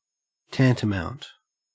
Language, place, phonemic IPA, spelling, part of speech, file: English, Queensland, /ˈtæntəˌmæɔnt/, tantamount, adjective / verb / noun, En-au-tantamount.ogg
- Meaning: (adjective) Equivalent in meaning or effect; amounting to the same thing in practical terms, even if being technically distinct; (verb) To amount to as much; to be equivalent